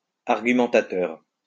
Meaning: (noun) arguer; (adjective) argumentative
- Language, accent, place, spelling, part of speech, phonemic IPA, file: French, France, Lyon, argumentateur, noun / adjective, /aʁ.ɡy.mɑ̃.ta.tœʁ/, LL-Q150 (fra)-argumentateur.wav